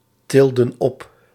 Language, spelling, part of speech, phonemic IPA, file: Dutch, tilden op, verb, /ˈtɪldə(n) ˈɔp/, Nl-tilden op.ogg
- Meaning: inflection of optillen: 1. plural past indicative 2. plural past subjunctive